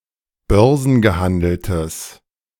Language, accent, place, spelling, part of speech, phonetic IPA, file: German, Germany, Berlin, börsengehandeltes, adjective, [ˈbœʁzn̩ɡəˌhandl̩təs], De-börsengehandeltes.ogg
- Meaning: strong/mixed nominative/accusative neuter singular of börsengehandelt